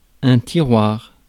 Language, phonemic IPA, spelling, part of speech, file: French, /ti.ʁwaʁ/, tiroir, noun, Fr-tiroir.ogg
- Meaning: drawer (for storage)